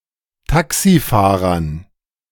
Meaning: dative plural of Taxifahrer
- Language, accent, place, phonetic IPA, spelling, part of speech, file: German, Germany, Berlin, [ˈtaksiˌfaːʁɐn], Taxifahrern, noun, De-Taxifahrern.ogg